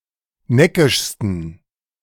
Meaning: 1. superlative degree of neckisch 2. inflection of neckisch: strong genitive masculine/neuter singular superlative degree
- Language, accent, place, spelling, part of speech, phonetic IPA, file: German, Germany, Berlin, neckischsten, adjective, [ˈnɛkɪʃstn̩], De-neckischsten.ogg